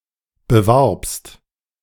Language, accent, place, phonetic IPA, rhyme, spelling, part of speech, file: German, Germany, Berlin, [bəˈvaʁpst], -aʁpst, bewarbst, verb, De-bewarbst.ogg
- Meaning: second-person singular preterite of bewerben